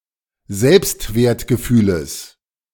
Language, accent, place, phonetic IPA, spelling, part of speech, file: German, Germany, Berlin, [ˈzɛlpstveːɐ̯tɡəˌfyːləs], Selbstwertgefühles, noun, De-Selbstwertgefühles.ogg
- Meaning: genitive singular of Selbstwertgefühl